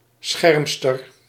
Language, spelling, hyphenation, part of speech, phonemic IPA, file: Dutch, schermster, scherm‧ster, noun, /ˈsxɛrm.stər/, Nl-schermster.ogg
- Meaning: female fencer